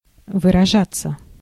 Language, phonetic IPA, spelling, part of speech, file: Russian, [vɨrɐˈʐat͡sːə], выражаться, verb, Ru-выражаться.ogg
- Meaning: 1. to express oneself 2. to manifest oneself 3. to swear, to use bad / strong language 4. passive of выража́ть (vyražátʹ)